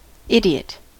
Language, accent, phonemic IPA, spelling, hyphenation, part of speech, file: English, US, /ˈɪdiət/, idiot, id‧i‧ot, noun / adjective, En-us-idiot.ogg
- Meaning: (noun) 1. A person of low general intelligence 2. A person who makes stupid decisions; a fool